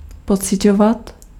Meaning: imperfective form of pocítit
- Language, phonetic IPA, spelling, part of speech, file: Czech, [ˈpot͡sɪcovat], pociťovat, verb, Cs-pociťovat.ogg